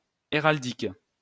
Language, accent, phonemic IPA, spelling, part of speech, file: French, France, /e.ʁal.dik/, héraldique, adjective / noun, LL-Q150 (fra)-héraldique.wav
- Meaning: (adjective) heraldric; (noun) heraldry (the profession of devising and blazoning arms)